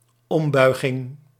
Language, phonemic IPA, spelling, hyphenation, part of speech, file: Dutch, /ˈɔmˌbœy̯.ɣɪŋ/, ombuiging, om‧bui‧ging, noun, Nl-ombuiging.ogg
- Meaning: 1. the action of bending, of adding curvature 2. the action or state of turning 3. reversal 4. budget cut